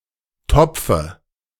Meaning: dative of Topf
- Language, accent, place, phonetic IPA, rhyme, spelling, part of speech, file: German, Germany, Berlin, [ˈtɔp͡fə], -ɔp͡fə, Topfe, noun, De-Topfe.ogg